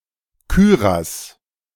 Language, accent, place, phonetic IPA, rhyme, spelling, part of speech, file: German, Germany, Berlin, [ˈkyːʁas], -yːʁas, Kürass, noun, De-Kürass.ogg
- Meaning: cuirass